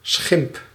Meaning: 1. ridicule, abuse 2. insult, slight
- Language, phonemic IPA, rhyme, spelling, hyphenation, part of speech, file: Dutch, /sxɪmp/, -ɪmp, schimp, schimp, noun, Nl-schimp.ogg